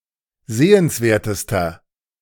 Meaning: inflection of sehenswert: 1. strong/mixed nominative masculine singular superlative degree 2. strong genitive/dative feminine singular superlative degree 3. strong genitive plural superlative degree
- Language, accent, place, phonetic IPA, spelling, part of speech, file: German, Germany, Berlin, [ˈzeːənsˌveːɐ̯təstɐ], sehenswertester, adjective, De-sehenswertester.ogg